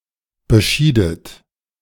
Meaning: inflection of bescheiden: 1. second-person plural preterite 2. second-person plural subjunctive II
- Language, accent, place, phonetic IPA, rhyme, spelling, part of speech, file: German, Germany, Berlin, [bəˈʃiːdət], -iːdət, beschiedet, verb, De-beschiedet.ogg